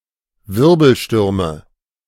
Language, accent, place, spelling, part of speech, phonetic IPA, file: German, Germany, Berlin, Wirbelstürme, noun, [ˈvɪʁbl̩ˌʃtʏʁmə], De-Wirbelstürme.ogg
- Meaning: nominative/accusative/genitive plural of Wirbelsturm